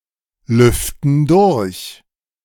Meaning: inflection of durchlüften: 1. first/third-person plural present 2. first/third-person plural subjunctive I
- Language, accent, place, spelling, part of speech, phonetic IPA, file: German, Germany, Berlin, lüften durch, verb, [ˌlʏftn̩ ˈdʊʁç], De-lüften durch.ogg